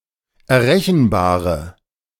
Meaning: inflection of errechenbar: 1. strong/mixed nominative/accusative feminine singular 2. strong nominative/accusative plural 3. weak nominative all-gender singular
- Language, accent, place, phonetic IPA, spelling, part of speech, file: German, Germany, Berlin, [ɛɐ̯ˈʁɛçn̩ˌbaːʁə], errechenbare, adjective, De-errechenbare.ogg